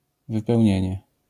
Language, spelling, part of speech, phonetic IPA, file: Polish, wypełnienie, noun, [ˌvɨpɛwʲˈɲɛ̇̃ɲɛ], LL-Q809 (pol)-wypełnienie.wav